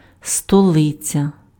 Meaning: capital (city designated as seat of government)
- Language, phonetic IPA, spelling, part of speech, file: Ukrainian, [stɔˈɫɪt͡sʲɐ], столиця, noun, Uk-столиця.ogg